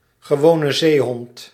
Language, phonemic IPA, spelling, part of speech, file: Dutch, /ɣəˌʋoː.nə ˈzeː.ɦɔnt/, gewone zeehond, noun, Nl-gewone zeehond.ogg
- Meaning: common seal, harbor seal (Phoca vitulina)